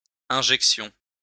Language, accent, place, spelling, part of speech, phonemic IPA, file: French, France, Lyon, injection, noun, /ɛ̃.ʒɛk.sjɔ̃/, LL-Q150 (fra)-injection.wav
- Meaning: injection